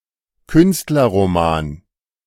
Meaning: Künstlerroman
- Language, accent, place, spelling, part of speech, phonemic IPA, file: German, Germany, Berlin, Künstlerroman, noun, /ˈkʏnstlɐʁomaːn/, De-Künstlerroman.ogg